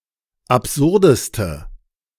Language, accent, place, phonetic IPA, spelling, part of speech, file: German, Germany, Berlin, [apˈzʊʁdəstə], absurdeste, adjective, De-absurdeste.ogg
- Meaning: inflection of absurd: 1. strong/mixed nominative/accusative feminine singular superlative degree 2. strong nominative/accusative plural superlative degree